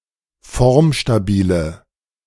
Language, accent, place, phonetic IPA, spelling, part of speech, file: German, Germany, Berlin, [ˈfɔʁmʃtaˌbiːlə], formstabile, adjective, De-formstabile.ogg
- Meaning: inflection of formstabil: 1. strong/mixed nominative/accusative feminine singular 2. strong nominative/accusative plural 3. weak nominative all-gender singular